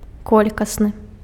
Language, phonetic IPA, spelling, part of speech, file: Belarusian, [ˈkolʲkasnɨ], колькасны, adjective, Be-колькасны.ogg
- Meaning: quantitative